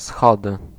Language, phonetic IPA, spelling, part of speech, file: Polish, [ˈsxɔdɨ], schody, noun, Pl-schody.ogg